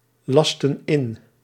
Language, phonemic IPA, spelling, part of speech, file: Dutch, /ˈlɑstə(n) ˈɪn/, lasten in, verb, Nl-lasten in.ogg
- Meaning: inflection of inlassen: 1. plural past indicative 2. plural past subjunctive